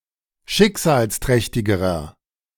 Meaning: inflection of schicksalsträchtig: 1. strong/mixed nominative masculine singular comparative degree 2. strong genitive/dative feminine singular comparative degree
- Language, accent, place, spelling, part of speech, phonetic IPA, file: German, Germany, Berlin, schicksalsträchtigerer, adjective, [ˈʃɪkzaːlsˌtʁɛçtɪɡəʁɐ], De-schicksalsträchtigerer.ogg